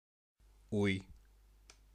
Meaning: 1. thought, reflection, meditation 2. opinion 3. intention 4. valley, low place
- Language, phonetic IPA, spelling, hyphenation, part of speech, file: Bashkir, [uj], уй, уй, noun, BA-Уй.ogg